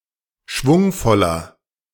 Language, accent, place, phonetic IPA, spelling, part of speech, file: German, Germany, Berlin, [ˈʃvʊŋfɔlɐ], schwungvoller, adjective, De-schwungvoller.ogg
- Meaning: 1. comparative degree of schwungvoll 2. inflection of schwungvoll: strong/mixed nominative masculine singular 3. inflection of schwungvoll: strong genitive/dative feminine singular